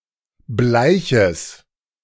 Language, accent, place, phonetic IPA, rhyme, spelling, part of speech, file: German, Germany, Berlin, [ˈblaɪ̯çəs], -aɪ̯çəs, bleiches, adjective, De-bleiches.ogg
- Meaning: strong/mixed nominative/accusative neuter singular of bleich